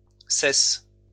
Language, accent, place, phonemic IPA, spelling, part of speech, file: French, France, Lyon, /sɛs/, cesses, verb, LL-Q150 (fra)-cesses.wav
- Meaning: second-person singular present indicative/subjunctive of cesser